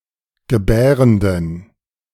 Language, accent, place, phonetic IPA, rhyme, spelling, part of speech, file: German, Germany, Berlin, [ɡəˈbɛːʁəndn̩], -ɛːʁəndn̩, gebärenden, adjective, De-gebärenden.ogg
- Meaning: inflection of gebärend: 1. strong genitive masculine/neuter singular 2. weak/mixed genitive/dative all-gender singular 3. strong/weak/mixed accusative masculine singular 4. strong dative plural